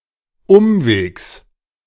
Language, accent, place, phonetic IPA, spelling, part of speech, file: German, Germany, Berlin, [ˈʊmveːks], Umwegs, noun, De-Umwegs.ogg
- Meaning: genitive singular of Umweg